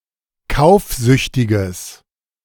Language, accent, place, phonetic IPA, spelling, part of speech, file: German, Germany, Berlin, [ˈkaʊ̯fˌzʏçtɪɡəs], kaufsüchtiges, adjective, De-kaufsüchtiges.ogg
- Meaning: strong/mixed nominative/accusative neuter singular of kaufsüchtig